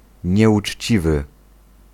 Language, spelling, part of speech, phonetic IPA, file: Polish, nieuczciwy, adjective, [ˌɲɛʷut͡ʃʲˈt͡ɕivɨ], Pl-nieuczciwy.ogg